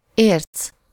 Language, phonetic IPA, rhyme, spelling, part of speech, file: Hungarian, [ˈeːrt͡s], -eːrt͡s, érc, noun, Hu-érc.ogg
- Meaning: ore